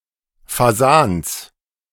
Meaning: genitive singular of Fasan
- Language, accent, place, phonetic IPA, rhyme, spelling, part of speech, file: German, Germany, Berlin, [faˈzaːns], -aːns, Fasans, noun, De-Fasans.ogg